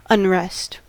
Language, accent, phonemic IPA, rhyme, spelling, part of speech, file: English, US, /ʌnˈɹɛst/, -ɛst, unrest, noun, En-us-unrest.ogg
- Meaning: 1. A state of trouble, confusion and turbulence, especially in a political context; a time of riots, demonstrations and protests 2. Something that troubles or confuses; that which causes unrest